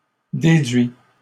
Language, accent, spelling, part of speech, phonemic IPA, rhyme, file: French, Canada, déduit, verb / adjective / noun, /de.dɥi/, -ɥi, LL-Q150 (fra)-déduit.wav
- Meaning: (verb) 1. past participle of déduire 2. third-person singular present indicative of déduire; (adjective) deducted; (noun) sexual intercourse, sex